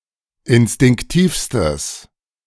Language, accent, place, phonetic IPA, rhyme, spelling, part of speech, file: German, Germany, Berlin, [ɪnstɪŋkˈtiːfstəs], -iːfstəs, instinktivstes, adjective, De-instinktivstes.ogg
- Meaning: strong/mixed nominative/accusative neuter singular superlative degree of instinktiv